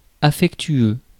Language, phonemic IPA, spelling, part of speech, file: French, /a.fɛk.tɥø/, affectueux, adjective, Fr-affectueux.ogg
- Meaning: affectionate; caring